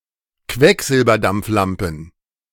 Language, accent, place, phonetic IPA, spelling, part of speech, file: German, Germany, Berlin, [ˈkvɛkzɪlbɐdamp͡fˌlampn̩], Quecksilberdampflampen, noun, De-Quecksilberdampflampen.ogg
- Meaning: dative plural of Quecksilberdampflampe